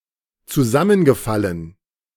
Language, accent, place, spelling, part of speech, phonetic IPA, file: German, Germany, Berlin, zusammengefallen, verb, [t͡suˈzamənɡəˌfalən], De-zusammengefallen.ogg
- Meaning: past participle of zusammenfallen